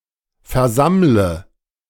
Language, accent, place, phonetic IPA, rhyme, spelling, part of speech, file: German, Germany, Berlin, [fɛɐ̯ˈzamlə], -amlə, versammle, verb, De-versammle.ogg
- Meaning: inflection of versammeln: 1. first-person singular present 2. first/third-person singular subjunctive I 3. singular imperative